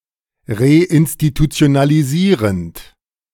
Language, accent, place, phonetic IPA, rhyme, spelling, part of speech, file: German, Germany, Berlin, [ʁeʔɪnstitut͡si̯onaliˈziːʁənt], -iːʁənt, reinstitutionalisierend, verb, De-reinstitutionalisierend.ogg
- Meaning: present participle of reinstitutionalisieren